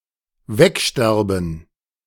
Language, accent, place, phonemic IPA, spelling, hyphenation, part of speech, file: German, Germany, Berlin, /ˈvɛkˌʃtɛʁbn̩/, wegsterben, weg‧ster‧ben, verb, De-wegsterben.ogg
- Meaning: 1. to die, to vanish (by dying) 2. to die on